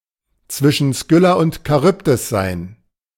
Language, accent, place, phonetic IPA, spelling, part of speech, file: German, Germany, Berlin, [ˌt͡svɪʃn̩ ˈskʏla ˌunt kaˈʁʏpdɪs ˌzaɪ̯n], zwischen Skylla und Charybdis sein, verb, De-zwischen Skylla und Charybdis sein.ogg
- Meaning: to be between Scylla and Charybdis